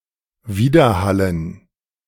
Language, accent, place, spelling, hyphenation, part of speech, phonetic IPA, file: German, Germany, Berlin, widerhallen, wi‧der‧hal‧len, verb, [ˈviːdɐˌhalən], De-widerhallen.ogg
- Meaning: to echo